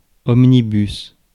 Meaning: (noun) omnibus, bus (especially, a 19th-century horse-drawn omnibus); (adjective) local (of a train; making stops at all stations)
- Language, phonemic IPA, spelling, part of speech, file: French, /ɔm.ni.bys/, omnibus, noun / adjective, Fr-omnibus.ogg